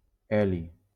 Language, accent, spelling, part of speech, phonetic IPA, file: Catalan, Valencia, heli, noun, [ˈɛ.li], LL-Q7026 (cat)-heli.wav
- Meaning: helium